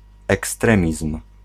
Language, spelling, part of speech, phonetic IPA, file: Polish, ekstremizm, noun, [ɛksˈtrɛ̃mʲism̥], Pl-ekstremizm.ogg